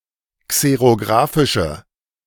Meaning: inflection of xerografisch: 1. strong/mixed nominative/accusative feminine singular 2. strong nominative/accusative plural 3. weak nominative all-gender singular
- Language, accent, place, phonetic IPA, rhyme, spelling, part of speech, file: German, Germany, Berlin, [ˌkseʁoˈɡʁaːfɪʃə], -aːfɪʃə, xerografische, adjective, De-xerografische.ogg